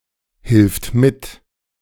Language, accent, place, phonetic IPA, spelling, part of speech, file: German, Germany, Berlin, [hɪlft ˈmɪt], hilft mit, verb, De-hilft mit.ogg
- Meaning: third-person singular present of mithelfen